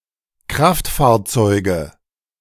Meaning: nominative/accusative/genitive plural of Kraftfahrzeug
- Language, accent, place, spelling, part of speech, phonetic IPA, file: German, Germany, Berlin, Kraftfahrzeuge, noun, [ˈkʁaftfaːɐ̯ˌt͡sɔɪ̯ɡə], De-Kraftfahrzeuge.ogg